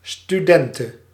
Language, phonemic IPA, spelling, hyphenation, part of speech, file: Dutch, /styˈdɛntə/, studente, stu‧den‧te, noun, Nl-studente.ogg
- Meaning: female equivalent of student